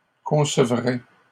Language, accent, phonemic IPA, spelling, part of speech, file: French, Canada, /kɔ̃.sə.vʁɛ/, concevrais, verb, LL-Q150 (fra)-concevrais.wav
- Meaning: first/second-person singular conditional of concevoir